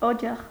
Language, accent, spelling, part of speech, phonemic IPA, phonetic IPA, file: Armenian, Eastern Armenian, օջախ, noun, /oˈd͡ʒɑχ/, [od͡ʒɑ́χ], Hy-օջախ.ogg
- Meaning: 1. hearth 2. symbol of home and family life